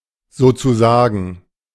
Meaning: so to speak, in a manner of speaking
- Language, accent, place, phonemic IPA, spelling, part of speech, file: German, Germany, Berlin, /ˌzoːtsuˈzaːɡŋ̩/, sozusagen, adverb, De-sozusagen.ogg